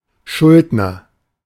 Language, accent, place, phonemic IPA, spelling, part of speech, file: German, Germany, Berlin, /ˈʃʊldnɐ/, Schuldner, noun, De-Schuldner.ogg
- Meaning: debtor (a person or firm that owes money)